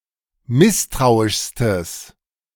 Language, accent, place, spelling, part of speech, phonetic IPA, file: German, Germany, Berlin, misstrauischstes, adjective, [ˈmɪstʁaʊ̯ɪʃstəs], De-misstrauischstes.ogg
- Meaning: strong/mixed nominative/accusative neuter singular superlative degree of misstrauisch